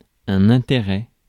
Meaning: 1. interest (great attention and concern from someone) 2. interest 3. point (purpose, objective) 4. benefit, advantage
- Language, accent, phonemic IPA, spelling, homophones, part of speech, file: French, France, /ɛ̃.te.ʁɛ/, intérêt, intérêts, noun, Fr-intérêt.ogg